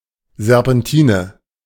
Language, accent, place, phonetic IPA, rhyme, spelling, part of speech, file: German, Germany, Berlin, [zɛʁpɛnˈtiːnə], -iːnə, Serpentine, noun, De-Serpentine.ogg
- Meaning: serpentine mountain road